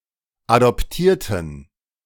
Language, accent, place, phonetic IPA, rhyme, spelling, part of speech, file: German, Germany, Berlin, [adɔpˈtiːɐ̯tn̩], -iːɐ̯tn̩, adoptierten, adjective / verb, De-adoptierten.ogg
- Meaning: inflection of adoptieren: 1. first/third-person plural preterite 2. first/third-person plural subjunctive II